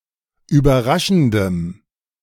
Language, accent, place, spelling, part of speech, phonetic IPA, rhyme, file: German, Germany, Berlin, überraschendem, adjective, [yːbɐˈʁaʃn̩dəm], -aʃn̩dəm, De-überraschendem.ogg
- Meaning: strong dative masculine/neuter singular of überraschend